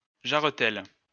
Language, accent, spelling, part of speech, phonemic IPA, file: French, France, jarretelle, noun, /ʒaʁ.tɛl/, LL-Q150 (fra)-jarretelle.wav
- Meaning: suspenders (feminine), garter